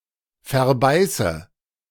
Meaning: inflection of verbeißen: 1. first-person singular present 2. first/third-person singular subjunctive I 3. singular imperative
- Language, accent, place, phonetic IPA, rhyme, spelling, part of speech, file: German, Germany, Berlin, [fɛɐ̯ˈbaɪ̯sə], -aɪ̯sə, verbeiße, verb, De-verbeiße.ogg